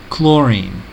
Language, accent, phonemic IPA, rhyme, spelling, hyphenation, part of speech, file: English, US, /ˈklɔɹin/, -ɔːɹiːn, chlorine, chlo‧rine, noun, En-us-chlorine.ogg
- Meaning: 1. A toxic, green, gaseous chemical element (symbol Cl) with an atomic number of 17 2. A single atom of this element 3. A chlorine-based bleach or disinfectant